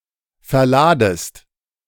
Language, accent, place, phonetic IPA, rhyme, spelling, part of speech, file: German, Germany, Berlin, [fɛɐ̯ˈlaːdəst], -aːdəst, verladest, verb, De-verladest.ogg
- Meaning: second-person singular subjunctive I of verladen